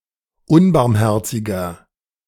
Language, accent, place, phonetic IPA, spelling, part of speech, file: German, Germany, Berlin, [ˈʊnbaʁmˌhɛʁt͡sɪɡɐ], unbarmherziger, adjective, De-unbarmherziger.ogg
- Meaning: 1. comparative degree of unbarmherzig 2. inflection of unbarmherzig: strong/mixed nominative masculine singular 3. inflection of unbarmherzig: strong genitive/dative feminine singular